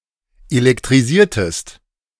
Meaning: inflection of elektrisieren: 1. second-person singular preterite 2. second-person singular subjunctive II
- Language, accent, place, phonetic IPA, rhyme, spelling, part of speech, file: German, Germany, Berlin, [elɛktʁiˈziːɐ̯təst], -iːɐ̯təst, elektrisiertest, verb, De-elektrisiertest.ogg